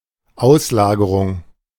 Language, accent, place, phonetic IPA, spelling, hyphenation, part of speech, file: German, Germany, Berlin, [ˈʔaʊ̯slaːɡəʁʊŋ], Auslagerung, Aus‧la‧ge‧rung, noun, De-Auslagerung.ogg
- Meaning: outsourcing (transfer business)